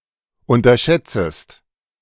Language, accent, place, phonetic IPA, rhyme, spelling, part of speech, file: German, Germany, Berlin, [ˌʊntɐˈʃɛt͡səst], -ɛt͡səst, unterschätzest, verb, De-unterschätzest.ogg
- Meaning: second-person singular subjunctive I of unterschätzen